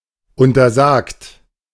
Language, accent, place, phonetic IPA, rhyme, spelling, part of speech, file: German, Germany, Berlin, [ˌʊntɐˈzaːkt], -aːkt, untersagt, verb, De-untersagt.ogg
- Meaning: past participle of untersagen